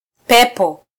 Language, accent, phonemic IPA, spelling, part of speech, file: Swahili, Kenya, /ˈpɛ.pɔ/, pepo, noun, Sw-ke-pepo.flac
- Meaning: 1. spirit, demon 2. plural of upepo